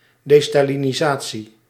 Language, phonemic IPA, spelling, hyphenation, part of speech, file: Dutch, /ˌdeː.staː.lɪ.niˈzaː.(t)si/, destalinisatie, de‧sta‧li‧ni‧sa‧tie, noun, Nl-destalinisatie.ogg
- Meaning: destalinization